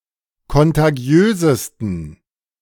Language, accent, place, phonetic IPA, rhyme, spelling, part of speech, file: German, Germany, Berlin, [kɔntaˈɡi̯øːzəstn̩], -øːzəstn̩, kontagiösesten, adjective, De-kontagiösesten.ogg
- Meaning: 1. superlative degree of kontagiös 2. inflection of kontagiös: strong genitive masculine/neuter singular superlative degree